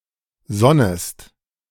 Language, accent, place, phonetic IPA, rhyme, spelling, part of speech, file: German, Germany, Berlin, [ˈzɔnəst], -ɔnəst, sonnest, verb, De-sonnest.ogg
- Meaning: second-person singular subjunctive I of sonnen